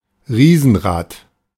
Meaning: Ferris wheel, big wheel
- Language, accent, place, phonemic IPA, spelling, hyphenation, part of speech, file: German, Germany, Berlin, /ˈʁiːzn̩ˌʁaːt/, Riesenrad, Rie‧sen‧rad, noun, De-Riesenrad.ogg